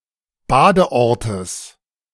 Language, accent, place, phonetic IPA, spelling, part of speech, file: German, Germany, Berlin, [ˈbaːdəˌʔɔʁtəs], Badeortes, noun, De-Badeortes.ogg
- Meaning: genitive of Badeort